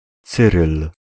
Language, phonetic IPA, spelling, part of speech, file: Polish, [ˈt͡sɨrɨl], Cyryl, proper noun, Pl-Cyryl.ogg